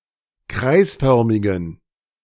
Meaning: inflection of kreisförmig: 1. strong genitive masculine/neuter singular 2. weak/mixed genitive/dative all-gender singular 3. strong/weak/mixed accusative masculine singular 4. strong dative plural
- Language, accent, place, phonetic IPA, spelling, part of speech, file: German, Germany, Berlin, [ˈkʁaɪ̯sˌfœʁmɪɡn̩], kreisförmigen, adjective, De-kreisförmigen.ogg